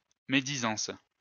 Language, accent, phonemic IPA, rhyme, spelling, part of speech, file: French, France, /me.di.zɑ̃s/, -ɑ̃s, médisance, noun, LL-Q150 (fra)-médisance.wav
- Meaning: 1. calumny, vilification, character assassination 2. scandal, scandalous gossip, malicious gossip